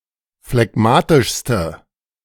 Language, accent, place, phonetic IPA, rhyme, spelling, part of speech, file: German, Germany, Berlin, [flɛˈɡmaːtɪʃstə], -aːtɪʃstə, phlegmatischste, adjective, De-phlegmatischste.ogg
- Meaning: inflection of phlegmatisch: 1. strong/mixed nominative/accusative feminine singular superlative degree 2. strong nominative/accusative plural superlative degree